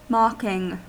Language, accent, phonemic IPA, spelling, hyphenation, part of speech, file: English, US, /ˈmɑkɪŋ/, mocking, mock‧ing, verb / noun / adjective, En-us-mocking.ogg
- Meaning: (verb) present participle and gerund of mock; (noun) mockery; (adjective) 1. derisive or contemptuous 2. teasing or taunting